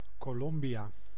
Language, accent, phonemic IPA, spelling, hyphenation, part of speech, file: Dutch, Netherlands, /ˌkoːˈlɔm.bi.aː/, Colombia, Co‧lom‧bia, proper noun, Nl-Colombia.ogg
- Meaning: Colombia (a country in South America)